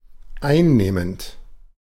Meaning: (verb) present participle of einnehmen; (adjective) 1. taking 2. containing, comprising 3. engaging, captivating, charming, winning, likeable
- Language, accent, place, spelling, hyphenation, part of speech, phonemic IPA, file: German, Germany, Berlin, einnehmend, ein‧neh‧mend, verb / adjective, /ˈaɪ̯nneːmənt/, De-einnehmend.ogg